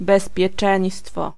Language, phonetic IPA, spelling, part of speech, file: Polish, [ˌbɛspʲjɛˈt͡ʃɛ̃j̃stfɔ], bezpieczeństwo, noun, Pl-bezpieczeństwo.ogg